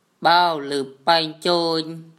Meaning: it cannot be undone anymore
- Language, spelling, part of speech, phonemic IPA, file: Mon, ၜဴလုပ်ပါၚ်စိၚ်, phrase, /bao lṳp paɲ cəɲ/, Mnw-ၜဴလုပ်ပါၚ်စိၚ်.wav